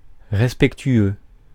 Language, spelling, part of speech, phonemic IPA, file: French, respectueux, adjective, /ʁɛs.pɛk.tɥø/, Fr-respectueux.ogg
- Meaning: respectful